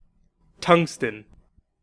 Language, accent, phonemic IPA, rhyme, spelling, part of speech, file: English, US, /ˈtʌŋstən/, -ʌŋstən, tungsten, noun, En-us-tungsten.ogg
- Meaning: 1. A rare metallic chemical element (symbol W, from Latin wolframium) with an atomic number of 74 2. Any of various commercially available alloys principally of tungsten